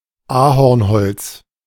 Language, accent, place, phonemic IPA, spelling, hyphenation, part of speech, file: German, Germany, Berlin, /ˈaːhɔʁnˌhɔlt͡s/, Ahornholz, Ahorn‧holz, noun, De-Ahornholz.ogg
- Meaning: maple wood